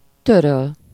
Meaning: 1. to wipe, dust (optionally into something like a cloth: -ba/-be) 2. to delete, erase 3. to annul, cancel
- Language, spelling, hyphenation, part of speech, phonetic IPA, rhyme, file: Hungarian, töröl, tö‧röl, verb, [ˈtørøl], -øl, Hu-töröl.ogg